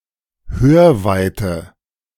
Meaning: earshot (hearing distance)
- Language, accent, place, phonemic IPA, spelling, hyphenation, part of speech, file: German, Germany, Berlin, /ˈhøːɐ̯ˌvaɪ̯tə/, Hörweite, Hör‧wei‧te, noun, De-Hörweite.ogg